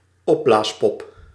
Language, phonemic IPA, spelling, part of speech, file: Dutch, /ˈɔblasˌpɔp/, opblaaspop, noun, Nl-opblaaspop.ogg
- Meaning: blow-up doll